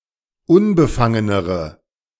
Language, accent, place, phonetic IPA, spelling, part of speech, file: German, Germany, Berlin, [ˈʊnbəˌfaŋənəʁə], unbefangenere, adjective, De-unbefangenere.ogg
- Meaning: inflection of unbefangen: 1. strong/mixed nominative/accusative feminine singular comparative degree 2. strong nominative/accusative plural comparative degree